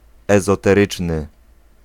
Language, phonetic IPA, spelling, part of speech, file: Polish, [ˌɛzɔtɛˈrɨt͡ʃnɨ], ezoteryczny, adjective, Pl-ezoteryczny.ogg